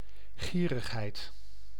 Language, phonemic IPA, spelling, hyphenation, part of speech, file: Dutch, /ˈɣiː.rəxˌɦɛi̯t/, gierigheid, gie‧rig‧heid, noun, Nl-gierigheid.ogg
- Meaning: avarice, stinginess